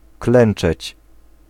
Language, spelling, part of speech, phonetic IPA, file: Polish, klęczeć, verb, [ˈklɛ̃n͇t͡ʃɛt͡ɕ], Pl-klęczeć.ogg